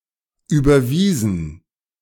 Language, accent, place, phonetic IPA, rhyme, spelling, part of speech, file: German, Germany, Berlin, [ˌyːbɐˈviːzn̩], -iːzn̩, überwiesen, verb, De-überwiesen.ogg
- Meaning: 1. past participle of überweisen 2. inflection of überweisen: first/third-person plural preterite 3. inflection of überweisen: first/third-person plural subjunctive II